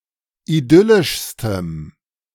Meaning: strong dative masculine/neuter singular superlative degree of idyllisch
- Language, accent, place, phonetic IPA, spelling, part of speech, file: German, Germany, Berlin, [iˈdʏlɪʃstəm], idyllischstem, adjective, De-idyllischstem.ogg